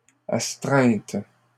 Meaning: plural of astreinte
- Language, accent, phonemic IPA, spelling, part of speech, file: French, Canada, /as.tʁɛ̃t/, astreintes, noun, LL-Q150 (fra)-astreintes.wav